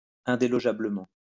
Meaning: entrenchedly, unmoveably
- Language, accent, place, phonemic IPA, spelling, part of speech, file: French, France, Lyon, /ɛ̃.de.lɔ.ʒa.blə.mɑ̃/, indélogeablement, adverb, LL-Q150 (fra)-indélogeablement.wav